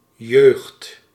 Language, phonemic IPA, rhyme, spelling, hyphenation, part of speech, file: Dutch, /ˈjøːxt/, -øːxt, jeugd, jeugd, noun, Nl-jeugd.ogg
- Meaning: youth: 1. young age, early stage of life 2. state or quality of being young 3. young people